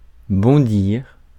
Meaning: to bounce, spring, jump
- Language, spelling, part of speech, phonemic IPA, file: French, bondir, verb, /bɔ̃.diʁ/, Fr-bondir.ogg